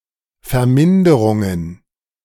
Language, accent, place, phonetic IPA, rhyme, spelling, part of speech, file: German, Germany, Berlin, [fɛɐ̯ˈmɪndəʁʊŋən], -ɪndəʁʊŋən, Verminderungen, noun, De-Verminderungen.ogg
- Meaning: plural of Verminderung